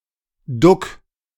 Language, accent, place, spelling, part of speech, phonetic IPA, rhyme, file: German, Germany, Berlin, duck, verb, [dʊk], -ʊk, De-duck.ogg
- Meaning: singular imperative of ducken